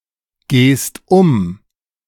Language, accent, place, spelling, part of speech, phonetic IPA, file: German, Germany, Berlin, gehst um, verb, [ɡeːst ˈʊm], De-gehst um.ogg
- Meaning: second-person singular present of umgehen